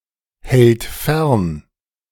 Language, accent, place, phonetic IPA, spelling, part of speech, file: German, Germany, Berlin, [ˌhɛlt ˈfɛʁn], hält fern, verb, De-hält fern.ogg
- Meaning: third-person singular present of fernhalten